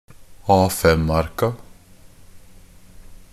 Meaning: definite plural of A5-ark
- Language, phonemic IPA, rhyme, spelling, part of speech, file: Norwegian Bokmål, /ˈɑːfɛmarka/, -arka, A5-arka, noun, NB - Pronunciation of Norwegian Bokmål «A5-arka».ogg